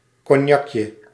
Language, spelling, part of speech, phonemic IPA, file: Dutch, cognacje, noun, /kɔˈɲɑkjə/, Nl-cognacje.ogg
- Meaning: diminutive of cognac